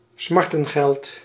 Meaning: equitable remedy
- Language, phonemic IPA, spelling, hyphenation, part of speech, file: Dutch, /ˈsmɑrtə(n)xɛlt/, smartengeld, smar‧ten‧geld, noun, Nl-smartengeld.ogg